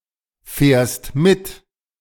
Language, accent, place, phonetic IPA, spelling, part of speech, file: German, Germany, Berlin, [ˌfɛːɐ̯st ˈmɪt], fährst mit, verb, De-fährst mit.ogg
- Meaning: second-person singular present of mitfahren